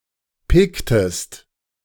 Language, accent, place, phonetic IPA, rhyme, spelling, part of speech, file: German, Germany, Berlin, [ˈpɪktəst], -ɪktəst, picktest, verb, De-picktest.ogg
- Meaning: inflection of picken: 1. second-person singular preterite 2. second-person singular subjunctive II